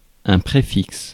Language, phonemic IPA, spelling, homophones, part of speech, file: French, /pʁe.fiks/, préfixe, préfix, noun / verb, Fr-préfixe.ogg
- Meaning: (noun) prefix (letters at the beginning of a word); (verb) inflection of préfixer: 1. first/third-person singular present indicative/subjunctive 2. second-person singular imperative